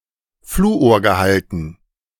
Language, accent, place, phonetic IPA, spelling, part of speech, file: German, Germany, Berlin, [ˈfluːoːɐ̯ɡəˌhaltn̩], Fluorgehalten, noun, De-Fluorgehalten.ogg
- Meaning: dative plural of Fluorgehalt